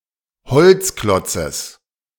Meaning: genitive singular of Holzklotz
- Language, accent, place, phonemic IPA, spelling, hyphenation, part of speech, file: German, Germany, Berlin, /ˈhɔlt͡sˌklɔt͡səs/, Holzklotzes, Holz‧klot‧zes, noun, De-Holzklotzes.ogg